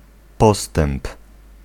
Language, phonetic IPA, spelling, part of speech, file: Polish, [ˈpɔstɛ̃mp], postęp, noun, Pl-postęp.ogg